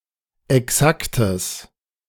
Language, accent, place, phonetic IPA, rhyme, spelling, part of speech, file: German, Germany, Berlin, [ɛˈksaktəs], -aktəs, exaktes, adjective, De-exaktes.ogg
- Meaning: strong/mixed nominative/accusative neuter singular of exakt